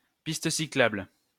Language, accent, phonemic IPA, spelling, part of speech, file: French, France, /pis.t(ə) si.klabl/, piste cyclable, noun, LL-Q150 (fra)-piste cyclable.wav
- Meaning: 1. bicycle path, bike path, cycle path, cycle lane, bikeway 2. cycle track, bike trail